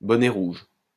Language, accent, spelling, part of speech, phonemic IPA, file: French, France, bonnet rouge, noun, /bɔ.nɛ ʁuʒ/, LL-Q150 (fra)-bonnet rouge.wav
- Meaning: 1. a French revolutionary during the French Revolution 2. any revolutionary